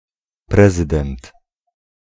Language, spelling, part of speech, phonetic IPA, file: Polish, prezydent, noun, [ˈprɛzɨdɛ̃nt], Pl-prezydent.ogg